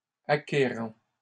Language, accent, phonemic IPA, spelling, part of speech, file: French, Canada, /a.ke.ʁɑ̃/, acquérant, verb, LL-Q150 (fra)-acquérant.wav
- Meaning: present participle of acquérir